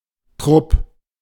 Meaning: a troop
- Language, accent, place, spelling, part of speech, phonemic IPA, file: German, Germany, Berlin, Trupp, noun, /tʁʊp/, De-Trupp.ogg